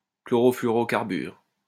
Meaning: chlorofluorocarbon
- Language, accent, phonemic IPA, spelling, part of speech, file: French, France, /klɔ.ʁɔ.fly.ɔ.ʁɔ.kaʁ.byʁ/, chlorofluorocarbure, noun, LL-Q150 (fra)-chlorofluorocarbure.wav